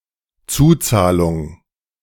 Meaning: additional payment, copayment
- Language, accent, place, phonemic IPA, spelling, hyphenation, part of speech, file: German, Germany, Berlin, /ˈt͡suːˌt͡saːlʊŋ/, Zuzahlung, Zu‧zah‧lung, noun, De-Zuzahlung.ogg